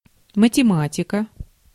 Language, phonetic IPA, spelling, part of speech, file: Russian, [mətʲɪˈmatʲɪkə], математика, noun, Ru-математика.ogg
- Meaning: 1. mathematics 2. genitive/accusative singular of матема́тик (matemátik)